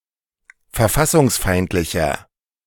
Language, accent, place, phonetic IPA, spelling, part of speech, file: German, Germany, Berlin, [fɛɐ̯ˈfasʊŋsˌfaɪ̯ntlɪçɐ], verfassungsfeindlicher, adjective, De-verfassungsfeindlicher.ogg
- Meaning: 1. comparative degree of verfassungsfeindlich 2. inflection of verfassungsfeindlich: strong/mixed nominative masculine singular